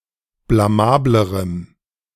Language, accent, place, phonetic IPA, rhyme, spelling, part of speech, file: German, Germany, Berlin, [blaˈmaːbləʁəm], -aːbləʁəm, blamablerem, adjective, De-blamablerem.ogg
- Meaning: strong dative masculine/neuter singular comparative degree of blamabel